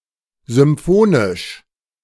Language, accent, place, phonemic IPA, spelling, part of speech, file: German, Germany, Berlin, /zʏmˈfoːnɪʃ/, symphonisch, adjective, De-symphonisch.ogg
- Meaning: symphonic